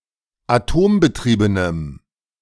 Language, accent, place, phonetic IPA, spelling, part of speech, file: German, Germany, Berlin, [aˈtoːmbəˌtʁiːbənəm], atombetriebenem, adjective, De-atombetriebenem.ogg
- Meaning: strong dative masculine/neuter singular of atombetrieben